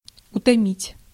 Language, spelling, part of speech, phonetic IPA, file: Russian, утомить, verb, [ʊtɐˈmʲitʲ], Ru-утомить.ogg
- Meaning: to fatigue, to weary, to tire